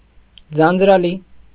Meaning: boring, dull
- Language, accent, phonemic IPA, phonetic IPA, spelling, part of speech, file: Armenian, Eastern Armenian, /d͡zɑnd͡zɾɑˈli/, [d͡zɑnd͡zɾɑlí], ձանձրալի, adjective, Hy-ձանձրալի.ogg